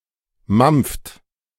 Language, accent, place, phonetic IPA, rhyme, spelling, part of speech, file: German, Germany, Berlin, [mamp͡ft], -amp͡ft, mampft, verb, De-mampft.ogg
- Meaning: inflection of mampfen: 1. second-person plural present 2. third-person singular present 3. plural imperative